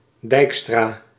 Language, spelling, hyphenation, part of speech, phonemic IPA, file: Dutch, Dijkstra, Dijk‧stra, proper noun, /ˈdɛi̯k.straː/, Nl-Dijkstra.ogg
- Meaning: a surname